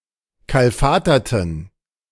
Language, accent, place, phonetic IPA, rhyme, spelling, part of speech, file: German, Germany, Berlin, [ˌkalˈfaːtɐtn̩], -aːtɐtn̩, kalfaterten, adjective / verb, De-kalfaterten.ogg
- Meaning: inflection of kalfatern: 1. first/third-person plural preterite 2. first/third-person plural subjunctive II